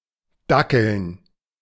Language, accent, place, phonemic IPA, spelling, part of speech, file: German, Germany, Berlin, /ˈdakl̩n/, dackeln, verb, De-dackeln.ogg
- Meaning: to walk slowly, often with a lack of energy or waddling, in the manner of a dachshund